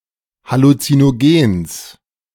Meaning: genitive singular of Halluzinogen
- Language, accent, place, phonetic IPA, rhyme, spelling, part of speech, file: German, Germany, Berlin, [halut͡sinoˈɡeːns], -eːns, Halluzinogens, noun, De-Halluzinogens.ogg